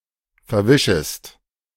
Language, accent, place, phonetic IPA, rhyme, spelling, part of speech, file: German, Germany, Berlin, [fɛɐ̯ˈvɪʃəst], -ɪʃəst, verwischest, verb, De-verwischest.ogg
- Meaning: second-person singular subjunctive I of verwischen